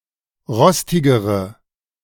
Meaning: inflection of rostig: 1. strong/mixed nominative/accusative feminine singular comparative degree 2. strong nominative/accusative plural comparative degree
- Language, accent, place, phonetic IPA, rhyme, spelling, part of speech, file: German, Germany, Berlin, [ˈʁɔstɪɡəʁə], -ɔstɪɡəʁə, rostigere, adjective, De-rostigere.ogg